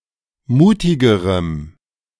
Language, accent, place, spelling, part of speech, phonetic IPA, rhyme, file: German, Germany, Berlin, mutigerem, adjective, [ˈmuːtɪɡəʁəm], -uːtɪɡəʁəm, De-mutigerem.ogg
- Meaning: strong dative masculine/neuter singular comparative degree of mutig